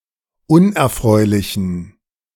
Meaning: inflection of unerfreulich: 1. strong genitive masculine/neuter singular 2. weak/mixed genitive/dative all-gender singular 3. strong/weak/mixed accusative masculine singular 4. strong dative plural
- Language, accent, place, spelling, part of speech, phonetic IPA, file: German, Germany, Berlin, unerfreulichen, adjective, [ˈʊnʔɛɐ̯ˌfʁɔɪ̯lɪçn̩], De-unerfreulichen.ogg